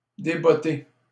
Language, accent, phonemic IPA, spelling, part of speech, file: French, Canada, /de.bɔ.te/, débotter, verb, LL-Q150 (fra)-débotter.wav
- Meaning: to remove the boots of